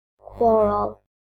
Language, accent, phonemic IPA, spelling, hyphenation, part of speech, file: English, Received Pronunciation, /ˈkwɒɹ(ə)l/, quarrel, quar‧rel, noun / verb, En-uk-quarrel.oga
- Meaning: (noun) A dispute or heated argument (especially one that is verbal)